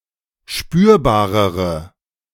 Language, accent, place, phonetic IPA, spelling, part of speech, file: German, Germany, Berlin, [ˈʃpyːɐ̯baːʁəʁə], spürbarere, adjective, De-spürbarere.ogg
- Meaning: inflection of spürbar: 1. strong/mixed nominative/accusative feminine singular comparative degree 2. strong nominative/accusative plural comparative degree